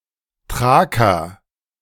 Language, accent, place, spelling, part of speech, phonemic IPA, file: German, Germany, Berlin, Thraker, noun, /ˈtʁaːkɐ/, De-Thraker.ogg
- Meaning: a Thracian (inhabitant of Thrace of male or unspecified sex)